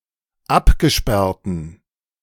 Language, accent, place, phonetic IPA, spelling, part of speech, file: German, Germany, Berlin, [ˈapɡəˌʃpɛʁtn̩], abgesperrten, adjective, De-abgesperrten.ogg
- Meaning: inflection of abgesperrt: 1. strong genitive masculine/neuter singular 2. weak/mixed genitive/dative all-gender singular 3. strong/weak/mixed accusative masculine singular 4. strong dative plural